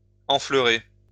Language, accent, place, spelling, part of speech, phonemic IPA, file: French, France, Lyon, enfleurer, verb, /ɑ̃.flœ.ʁe/, LL-Q150 (fra)-enfleurer.wav
- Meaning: to add the scent of flowers to a perfume